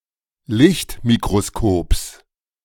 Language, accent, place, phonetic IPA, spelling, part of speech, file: German, Germany, Berlin, [ˈlɪçtmikʁoˌskoːps], Lichtmikroskops, noun, De-Lichtmikroskops.ogg
- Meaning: genitive singular of Lichtmikroskop